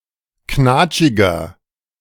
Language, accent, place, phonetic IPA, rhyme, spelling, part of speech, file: German, Germany, Berlin, [ˈknaːt͡ʃɪɡɐ], -aːt͡ʃɪɡɐ, knatschiger, adjective, De-knatschiger.ogg
- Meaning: 1. comparative degree of knatschig 2. inflection of knatschig: strong/mixed nominative masculine singular 3. inflection of knatschig: strong genitive/dative feminine singular